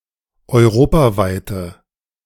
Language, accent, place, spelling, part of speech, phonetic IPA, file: German, Germany, Berlin, europaweite, adjective, [ɔɪ̯ˈʁoːpaˌvaɪ̯tə], De-europaweite.ogg
- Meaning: inflection of europaweit: 1. strong/mixed nominative/accusative feminine singular 2. strong nominative/accusative plural 3. weak nominative all-gender singular